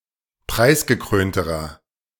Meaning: inflection of preisgekrönt: 1. strong/mixed nominative masculine singular comparative degree 2. strong genitive/dative feminine singular comparative degree 3. strong genitive plural comparative degree
- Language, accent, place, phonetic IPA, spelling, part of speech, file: German, Germany, Berlin, [ˈpʁaɪ̯sɡəˌkʁøːntəʁɐ], preisgekrönterer, adjective, De-preisgekrönterer.ogg